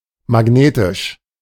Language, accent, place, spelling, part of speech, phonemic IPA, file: German, Germany, Berlin, magnetisch, adjective, /maˈɡneːtɪʃ/, De-magnetisch.ogg
- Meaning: magnetic